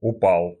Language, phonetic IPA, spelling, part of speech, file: Russian, [ʊˈpaɫ], упал, verb, Ru-упал.ogg
- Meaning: masculine singular past indicative perfective of упа́сть (upástʹ)